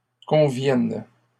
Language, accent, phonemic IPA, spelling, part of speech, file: French, Canada, /kɔ̃.vjɛn/, convienne, verb, LL-Q150 (fra)-convienne.wav
- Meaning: first/third-person singular present subjunctive of convenir